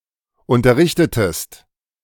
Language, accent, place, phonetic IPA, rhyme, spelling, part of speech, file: German, Germany, Berlin, [ˌʊntɐˈʁɪçtətəst], -ɪçtətəst, unterrichtetest, verb, De-unterrichtetest.ogg
- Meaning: inflection of unterrichten: 1. second-person singular preterite 2. second-person singular subjunctive II